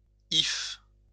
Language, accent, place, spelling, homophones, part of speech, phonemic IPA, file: French, France, Lyon, hyphe, hyphes, noun, /if/, LL-Q150 (fra)-hyphe.wav
- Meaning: hypha